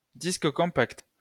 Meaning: compact disc (CD)
- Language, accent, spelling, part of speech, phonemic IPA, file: French, France, disque compact, noun, /dis.k(ə) kɔ̃.pakt/, LL-Q150 (fra)-disque compact.wav